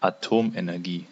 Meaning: atomic energy, nuclear energy (energy released by an atom)
- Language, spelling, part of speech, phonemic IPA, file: German, Atomenergie, noun, /aˈtoːmʔenɛʁˌɡiː/, De-Atomenergie.ogg